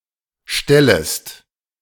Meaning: second-person singular subjunctive I of stellen
- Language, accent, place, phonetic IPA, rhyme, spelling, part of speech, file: German, Germany, Berlin, [ˈʃtɛləst], -ɛləst, stellest, verb, De-stellest.ogg